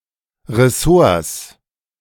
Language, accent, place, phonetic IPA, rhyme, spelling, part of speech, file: German, Germany, Berlin, [ʁɛˈsoːɐ̯s], -oːɐ̯s, Ressorts, noun, De-Ressorts.ogg
- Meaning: plural of Ressort